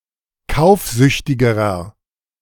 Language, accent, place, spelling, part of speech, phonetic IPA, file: German, Germany, Berlin, kaufsüchtigerer, adjective, [ˈkaʊ̯fˌzʏçtɪɡəʁɐ], De-kaufsüchtigerer.ogg
- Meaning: inflection of kaufsüchtig: 1. strong/mixed nominative masculine singular comparative degree 2. strong genitive/dative feminine singular comparative degree 3. strong genitive plural comparative degree